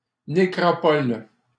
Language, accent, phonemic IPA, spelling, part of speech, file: French, Canada, /ne.kʁɔ.pɔl/, nécropole, noun, LL-Q150 (fra)-nécropole.wav
- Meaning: necropolis